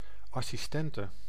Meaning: female equivalent of assistent
- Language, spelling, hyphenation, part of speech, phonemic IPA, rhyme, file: Dutch, assistente, as‧sis‧ten‧te, noun, /ˌɑ.siˈstɛn.tə/, -ɛntə, Nl-assistente.ogg